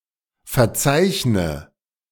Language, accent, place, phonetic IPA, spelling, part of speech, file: German, Germany, Berlin, [fɛɐ̯ˈt͡saɪ̯çnə], verzeichne, verb, De-verzeichne.ogg
- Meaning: inflection of verzeichnen: 1. first-person singular present 2. first/third-person singular subjunctive I 3. singular imperative